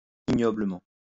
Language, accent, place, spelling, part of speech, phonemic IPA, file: French, France, Lyon, ignoblement, adverb, /i.ɲɔ.blə.mɑ̃/, LL-Q150 (fra)-ignoblement.wav
- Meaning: ignobly